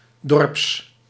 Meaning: pertaining or belonging to villages, characteristic of villages, having the character of a village
- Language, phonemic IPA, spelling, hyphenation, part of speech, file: Dutch, /dɔrps/, dorps, dorps, adjective, Nl-dorps.ogg